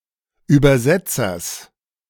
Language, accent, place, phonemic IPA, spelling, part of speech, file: German, Germany, Berlin, /ˌyːbɐˈzɛtsɐs/, Übersetzers, noun, De-Übersetzers.ogg
- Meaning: genitive singular of Übersetzer